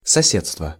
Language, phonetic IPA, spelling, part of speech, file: Russian, [sɐˈsʲet͡stvə], соседство, noun, Ru-соседство.ogg
- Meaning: neighborhood, vicinity (close proximity, particularly in reference to home)